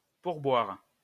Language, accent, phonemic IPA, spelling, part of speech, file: French, France, /puʁ.bwaʁ/, pourboire, noun, LL-Q150 (fra)-pourboire.wav
- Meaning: tip (extra money given to e.g. a waiter in appreciation of service)